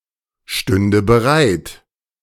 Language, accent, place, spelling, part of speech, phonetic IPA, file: German, Germany, Berlin, stünde bereit, verb, [ˌʃtʏndə bəˈʁaɪ̯t], De-stünde bereit.ogg
- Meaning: first/third-person singular subjunctive II of bereitstehen